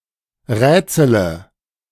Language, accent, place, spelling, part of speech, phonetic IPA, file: German, Germany, Berlin, rätsele, verb, [ˈʁɛːt͡sələ], De-rätsele.ogg
- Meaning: inflection of rätseln: 1. first-person singular present 2. first-person plural subjunctive I 3. third-person singular subjunctive I 4. singular imperative